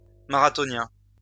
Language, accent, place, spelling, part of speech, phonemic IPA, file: French, France, Lyon, marathonien, noun, /ma.ʁa.tɔ.njɛ̃/, LL-Q150 (fra)-marathonien.wav
- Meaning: marathoner